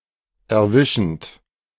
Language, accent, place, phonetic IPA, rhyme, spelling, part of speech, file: German, Germany, Berlin, [ɛɐ̯ˈvɪʃn̩t], -ɪʃn̩t, erwischend, verb, De-erwischend.ogg
- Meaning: present participle of erwischen